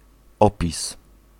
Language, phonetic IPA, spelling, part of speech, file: Polish, [ˈɔpʲis], opis, noun, Pl-opis.ogg